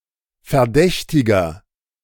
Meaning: 1. suspect (male or of unspecified gender) 2. inflection of Verdächtige: strong genitive/dative singular 3. inflection of Verdächtige: strong genitive plural
- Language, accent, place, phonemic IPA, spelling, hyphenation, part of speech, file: German, Germany, Berlin, /fɛɐ̯ˈdɛçtɪɡɐ/, Verdächtiger, Ver‧däch‧ti‧ger, noun, De-Verdächtiger.ogg